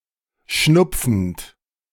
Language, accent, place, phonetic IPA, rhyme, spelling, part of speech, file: German, Germany, Berlin, [ˈʃnʊp͡fn̩t], -ʊp͡fn̩t, schnupfend, verb, De-schnupfend.ogg
- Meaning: present participle of schnupfen